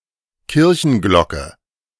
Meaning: church bell
- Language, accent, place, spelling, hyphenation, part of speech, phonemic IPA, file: German, Germany, Berlin, Kirchenglocke, Kir‧chen‧glocke, noun, /ˈkɪʁçənˌɡlɔkə/, De-Kirchenglocke.ogg